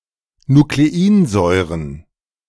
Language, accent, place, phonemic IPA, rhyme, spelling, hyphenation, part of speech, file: German, Germany, Berlin, /nukleˈiːnˌzɔɪ̯ʁən/, -iːnzɔɪ̯ʁən, Nukleinsäuren, Nu‧kle‧in‧säu‧ren, noun, De-Nukleinsäuren.ogg
- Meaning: plural of Nukleinsäure